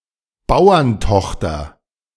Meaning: farmer's daughter
- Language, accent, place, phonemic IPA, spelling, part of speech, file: German, Germany, Berlin, /ˈbaʊ̯ɐnˌtɔxtɐ/, Bauerntochter, noun, De-Bauerntochter.ogg